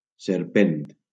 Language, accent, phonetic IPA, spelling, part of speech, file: Catalan, Valencia, [seɾˈpent], serpent, noun, LL-Q7026 (cat)-serpent.wav
- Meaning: snake